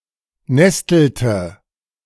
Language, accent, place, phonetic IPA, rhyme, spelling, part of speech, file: German, Germany, Berlin, [ˈnɛstl̩tə], -ɛstl̩tə, nestelte, verb, De-nestelte.ogg
- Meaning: inflection of nesteln: 1. first/third-person singular preterite 2. first/third-person singular subjunctive II